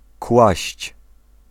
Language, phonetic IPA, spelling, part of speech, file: Polish, [kwaɕt͡ɕ], kłaść, verb, Pl-kłaść.ogg